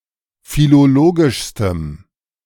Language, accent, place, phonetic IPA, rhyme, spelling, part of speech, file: German, Germany, Berlin, [filoˈloːɡɪʃstəm], -oːɡɪʃstəm, philologischstem, adjective, De-philologischstem.ogg
- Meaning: strong dative masculine/neuter singular superlative degree of philologisch